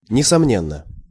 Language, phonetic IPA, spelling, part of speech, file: Russian, [nʲɪsɐˈmnʲenːə], несомненно, adverb / adjective, Ru-несомненно.ogg
- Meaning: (adverb) undoubtedly, without doubt, doubtlessly; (adjective) short neuter singular of несомне́нный (nesomnénnyj)